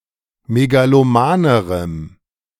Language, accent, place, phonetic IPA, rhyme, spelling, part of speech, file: German, Germany, Berlin, [meɡaloˈmaːnəʁəm], -aːnəʁəm, megalomanerem, adjective, De-megalomanerem.ogg
- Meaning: strong dative masculine/neuter singular comparative degree of megaloman